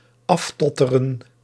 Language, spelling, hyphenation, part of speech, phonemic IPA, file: Dutch, aftotteren, af‧tot‧te‧ren, verb, /ˈɑfˌtɔ.tə.rə(n)/, Nl-aftotteren.ogg
- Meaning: to fall off